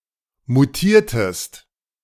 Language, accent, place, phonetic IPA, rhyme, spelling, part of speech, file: German, Germany, Berlin, [muˈtiːɐ̯təst], -iːɐ̯təst, mutiertest, verb, De-mutiertest.ogg
- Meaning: inflection of mutieren: 1. second-person singular preterite 2. second-person singular subjunctive II